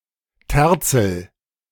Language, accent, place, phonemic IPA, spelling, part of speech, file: German, Germany, Berlin, /ˈtɛʁt͡sl̩/, Terzel, noun, De-Terzel.ogg
- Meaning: tiercel (male bird of prey)